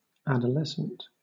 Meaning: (adjective) Of, relating to, or at the age of adolescence; at the stage between being a child and an adult
- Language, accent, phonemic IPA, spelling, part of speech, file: English, Southern England, /ˌæd.əˈlɛs.ənt/, adolescent, adjective / noun, LL-Q1860 (eng)-adolescent.wav